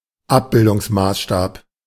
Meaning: image scale
- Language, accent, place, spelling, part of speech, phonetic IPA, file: German, Germany, Berlin, Abbildungsmaßstab, noun, [ˈapbɪldʊŋsˌmaːsʃtaːp], De-Abbildungsmaßstab.ogg